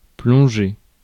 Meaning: 1. to dive 2. to plunge 3. to immerse oneself (in something)
- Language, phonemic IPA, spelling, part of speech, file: French, /plɔ̃.ʒe/, plonger, verb, Fr-plonger.ogg